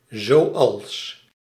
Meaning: 1. like, such as 2. as, just like, just as, the way that
- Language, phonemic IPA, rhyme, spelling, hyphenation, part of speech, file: Dutch, /zoːˈɑls/, -ɑls, zoals, zo‧als, conjunction, Nl-zoals.ogg